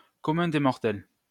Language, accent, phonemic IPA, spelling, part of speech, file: French, France, /kɔ.mœ̃ de mɔʁ.tɛl/, commun des mortels, noun, LL-Q150 (fra)-commun des mortels.wav
- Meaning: the ordinary people, the common people, hoi polloi